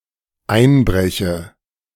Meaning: inflection of einbrechen: 1. first-person singular dependent present 2. first/third-person singular dependent subjunctive I
- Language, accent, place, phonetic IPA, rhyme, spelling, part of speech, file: German, Germany, Berlin, [ˈaɪ̯nˌbʁɛçə], -aɪ̯nbʁɛçə, einbreche, verb, De-einbreche.ogg